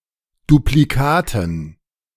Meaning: dative plural of Duplikat
- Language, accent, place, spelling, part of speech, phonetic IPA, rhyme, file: German, Germany, Berlin, Duplikaten, noun, [dupliˈkaːtn̩], -aːtn̩, De-Duplikaten.ogg